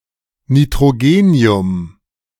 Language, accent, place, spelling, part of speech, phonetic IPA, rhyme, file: German, Germany, Berlin, Nitrogenium, noun, [nitʁoˈɡeːni̯ʊm], -eːni̯ʊm, De-Nitrogenium.ogg
- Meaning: nitrogen